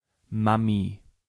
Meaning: mom, mum
- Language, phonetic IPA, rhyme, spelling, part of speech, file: German, [ˈmami], -ami, Mami, noun, De-Mami.ogg